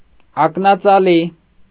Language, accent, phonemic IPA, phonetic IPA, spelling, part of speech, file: Armenian, Eastern Armenian, /ɑknɑt͡sɑˈli/, [ɑknɑt͡sɑlí], ակնածալի, adjective, Hy-ակնածալի.ogg
- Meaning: full of veneration, reverence, respect